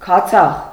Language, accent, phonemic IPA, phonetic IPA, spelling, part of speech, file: Armenian, Eastern Armenian, /kʰɑˈt͡sʰɑχ/, [kʰɑt͡sʰɑ́χ], քացախ, noun, Hy-քացախ.ogg
- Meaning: vinegar